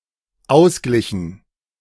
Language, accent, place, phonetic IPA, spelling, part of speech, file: German, Germany, Berlin, [ˈaʊ̯sˌɡlɪçn̩], ausglichen, verb, De-ausglichen.ogg
- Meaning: inflection of ausgleichen: 1. first/third-person plural dependent preterite 2. first/third-person plural dependent subjunctive II